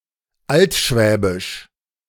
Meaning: Old Swabian
- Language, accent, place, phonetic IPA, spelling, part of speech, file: German, Germany, Berlin, [ˈaltˌʃvɛːbɪʃ], altschwäbisch, adjective, De-altschwäbisch.ogg